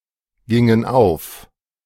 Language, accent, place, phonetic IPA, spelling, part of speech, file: German, Germany, Berlin, [ˌɡɪŋən ˈaʊ̯f], gingen auf, verb, De-gingen auf.ogg
- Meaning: inflection of aufgehen: 1. first/third-person plural preterite 2. first/third-person plural subjunctive II